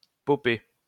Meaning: to access email via a POP server
- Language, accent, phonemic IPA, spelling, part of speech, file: French, France, /pɔ.pe/, poper, verb, LL-Q150 (fra)-poper.wav